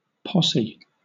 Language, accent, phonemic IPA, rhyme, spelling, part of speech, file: English, Southern England, /ˈpɒs.i/, -ɒsi, posse, noun, LL-Q1860 (eng)-posse.wav
- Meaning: 1. A group or company of people, originally especially one having hostile intent; a throng, a crowd 2. A group of people summoned to help law enforcement 3. A search party 4. A criminal gang